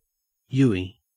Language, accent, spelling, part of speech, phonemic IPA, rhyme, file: English, Australia, uey, noun, /ˈjuː.i/, -uːi, En-au-uey.ogg
- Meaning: Synonym of U-turn